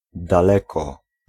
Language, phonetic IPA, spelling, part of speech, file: Polish, [daˈlɛkɔ], daleko, adverb, Pl-daleko.ogg